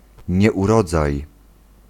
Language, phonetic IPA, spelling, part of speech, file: Polish, [ˌɲɛʷuˈrɔd͡zaj], nieurodzaj, noun, Pl-nieurodzaj.ogg